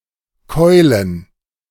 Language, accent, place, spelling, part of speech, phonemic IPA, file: German, Germany, Berlin, Keulen, noun, /ˈkɔʏ̯lən/, De-Keulen.ogg
- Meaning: plural of Keule